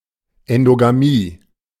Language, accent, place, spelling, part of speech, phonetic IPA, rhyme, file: German, Germany, Berlin, Endogamie, noun, [ˌɛndoɡaˈmiː], -iː, De-Endogamie.ogg
- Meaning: endogamy (the practice of marrying within one's own social group)